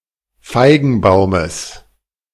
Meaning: genitive singular of Feigenbaum
- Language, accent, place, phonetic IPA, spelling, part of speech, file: German, Germany, Berlin, [ˈfaɪ̯ɡn̩ˌbaʊ̯məs], Feigenbaumes, noun, De-Feigenbaumes.ogg